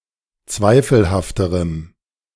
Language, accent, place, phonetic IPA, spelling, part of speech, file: German, Germany, Berlin, [ˈt͡svaɪ̯fl̩haftəʁəm], zweifelhafterem, adjective, De-zweifelhafterem.ogg
- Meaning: strong dative masculine/neuter singular comparative degree of zweifelhaft